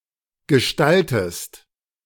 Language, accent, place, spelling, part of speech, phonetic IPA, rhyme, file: German, Germany, Berlin, gestaltest, verb, [ɡəˈʃtaltəst], -altəst, De-gestaltest.ogg
- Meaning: inflection of gestalten: 1. second-person singular present 2. second-person singular subjunctive I